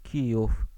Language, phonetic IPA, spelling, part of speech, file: Polish, [ˈcijuf], Kijów, proper noun, Pl-Kijów.ogg